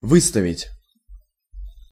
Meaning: 1. to put forward, to move out, to put outside, to bring forward, to place in front 2. to set out, to display, to present 3. to flaunt 4. to propose, to suggest
- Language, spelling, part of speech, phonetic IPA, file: Russian, выставить, verb, [ˈvɨstəvʲɪtʲ], Ru-выставить.ogg